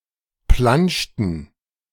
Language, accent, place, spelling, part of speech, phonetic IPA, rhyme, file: German, Germany, Berlin, planschten, verb, [ˈplanʃtn̩], -anʃtn̩, De-planschten.ogg
- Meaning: inflection of planschen: 1. first/third-person plural preterite 2. first/third-person plural subjunctive II